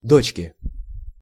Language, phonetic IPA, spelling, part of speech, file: Russian, [ˈdot͡ɕkʲɪ], дочки, noun, Ru-дочки.ogg
- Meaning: inflection of до́чка (dóčka): 1. genitive singular 2. nominative plural